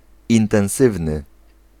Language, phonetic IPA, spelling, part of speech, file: Polish, [ˌĩntɛ̃w̃ˈsɨvnɨ], intensywny, adjective, Pl-intensywny.ogg